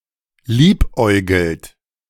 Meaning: inflection of liebäugeln: 1. second-person plural present 2. third-person singular present 3. plural imperative
- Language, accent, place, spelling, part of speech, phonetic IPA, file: German, Germany, Berlin, liebäugelt, verb, [ˈliːpˌʔɔɪ̯ɡl̩t], De-liebäugelt.ogg